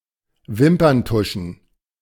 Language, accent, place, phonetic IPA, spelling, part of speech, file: German, Germany, Berlin, [ˈvɪmpɐnˌtʊʃn̩], Wimperntuschen, noun, De-Wimperntuschen.ogg
- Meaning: plural of Wimperntusche